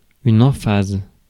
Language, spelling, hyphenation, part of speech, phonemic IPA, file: French, emphase, em‧phase, noun, /ɑ̃.faz/, Fr-emphase.ogg
- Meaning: bombast, pomposity, grandiloquence